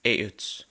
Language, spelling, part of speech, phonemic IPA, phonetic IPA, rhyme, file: Danish, a'ets, noun, /æːəts/, [ˈæːəd̥s], -æːəd̥s, Da-cph-a'ets.ogg
- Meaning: definite genitive singular of a